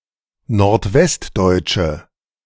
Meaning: inflection of nordwestdeutsch: 1. strong/mixed nominative/accusative feminine singular 2. strong nominative/accusative plural 3. weak nominative all-gender singular
- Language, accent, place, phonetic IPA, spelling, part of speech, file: German, Germany, Berlin, [noʁtˈvɛstˌdɔɪ̯t͡ʃə], nordwestdeutsche, adjective, De-nordwestdeutsche.ogg